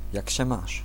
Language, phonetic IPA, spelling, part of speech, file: Polish, [ˈjäc‿ɕɛ ˈmaʃ], jak się masz, phrase, Pl-jak się masz.ogg